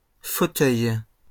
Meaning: plural of fauteuil
- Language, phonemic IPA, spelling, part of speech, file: French, /fo.tœj/, fauteuils, noun, LL-Q150 (fra)-fauteuils.wav